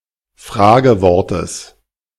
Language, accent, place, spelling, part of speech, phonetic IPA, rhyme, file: German, Germany, Berlin, Fragewortes, noun, [ˈfʁaːɡəˌvɔʁtəs], -aːɡəvɔʁtəs, De-Fragewortes.ogg
- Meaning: genitive of Fragewort